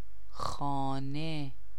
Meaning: house
- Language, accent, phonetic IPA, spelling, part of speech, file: Persian, Iran, [xɒː.né], خانه, noun, Fa-خانه.ogg